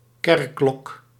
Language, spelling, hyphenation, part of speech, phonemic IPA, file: Dutch, kerkklok, kerk‧klok, noun, /ˈkɛr.klɔk/, Nl-kerkklok.ogg
- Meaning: 1. church bell 2. church clock